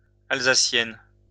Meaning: female equivalent of Alsacien; female Alsatian (female native or inhabitant of Alsace, a geographic region, traditionally German-speaking, in the administrative region of Grand Est, France)
- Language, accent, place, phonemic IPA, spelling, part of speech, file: French, France, Lyon, /al.za.sjɛn/, Alsacienne, noun, LL-Q150 (fra)-Alsacienne.wav